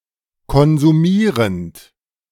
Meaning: present participle of konsumieren
- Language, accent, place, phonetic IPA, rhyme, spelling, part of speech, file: German, Germany, Berlin, [kɔnzuˈmiːʁənt], -iːʁənt, konsumierend, verb, De-konsumierend.ogg